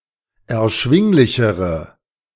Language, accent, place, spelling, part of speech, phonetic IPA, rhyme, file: German, Germany, Berlin, erschwinglichere, adjective, [ɛɐ̯ˈʃvɪŋlɪçəʁə], -ɪŋlɪçəʁə, De-erschwinglichere.ogg
- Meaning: inflection of erschwinglich: 1. strong/mixed nominative/accusative feminine singular comparative degree 2. strong nominative/accusative plural comparative degree